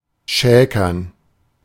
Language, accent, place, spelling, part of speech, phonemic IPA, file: German, Germany, Berlin, schäkern, verb, /ˈʃɛːkɐn/, De-schäkern.ogg
- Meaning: 1. to banter, to dally, to jest 2. to flirt